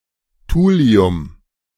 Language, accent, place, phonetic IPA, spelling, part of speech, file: German, Germany, Berlin, [ˈtuːli̯ʊm], Thulium, noun, De-Thulium.ogg
- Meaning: thulium